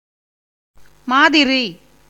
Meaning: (noun) 1. manner, way 2. example, model, sample; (postposition) like; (adverb) weirdly, oddly, kind of off
- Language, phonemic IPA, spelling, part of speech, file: Tamil, /mɑːd̪ɪɾiː/, மாதிரி, noun / postposition / adverb, Ta-மாதிரி.ogg